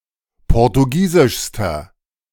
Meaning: inflection of portugiesisch: 1. strong/mixed nominative masculine singular superlative degree 2. strong genitive/dative feminine singular superlative degree
- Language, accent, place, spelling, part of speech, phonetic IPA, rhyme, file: German, Germany, Berlin, portugiesischster, adjective, [ˌpɔʁtuˈɡiːzɪʃstɐ], -iːzɪʃstɐ, De-portugiesischster.ogg